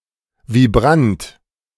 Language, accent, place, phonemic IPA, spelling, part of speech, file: German, Germany, Berlin, /viˈbʁant/, Vibrant, noun, De-Vibrant.ogg
- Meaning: trill